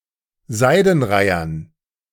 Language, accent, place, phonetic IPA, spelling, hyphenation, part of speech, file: German, Germany, Berlin, [ˈzaɪ̯dənˌʁaɪ̯ɐn], Seidenreihern, Sei‧den‧rei‧hern, noun, De-Seidenreihern.ogg
- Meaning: dative plural of Seidenreiher